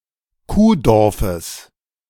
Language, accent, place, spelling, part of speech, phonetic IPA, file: German, Germany, Berlin, Kuhdorfes, noun, [ˈkuːˌdɔʁfəs], De-Kuhdorfes.ogg
- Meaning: genitive singular of Kuhdorf